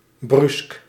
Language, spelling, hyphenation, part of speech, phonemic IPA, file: Dutch, bruusk, bruusk, adjective, /brysk/, Nl-bruusk.ogg
- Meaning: 1. brusque, unfriendly 2. abrupt, sudden